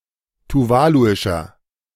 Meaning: inflection of tuvaluisch: 1. strong/mixed nominative masculine singular 2. strong genitive/dative feminine singular 3. strong genitive plural
- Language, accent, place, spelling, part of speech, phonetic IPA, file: German, Germany, Berlin, tuvaluischer, adjective, [tuˈvaːluɪʃɐ], De-tuvaluischer.ogg